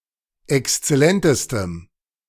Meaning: strong dative masculine/neuter singular superlative degree of exzellent
- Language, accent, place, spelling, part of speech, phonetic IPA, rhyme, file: German, Germany, Berlin, exzellentestem, adjective, [ɛkst͡sɛˈlɛntəstəm], -ɛntəstəm, De-exzellentestem.ogg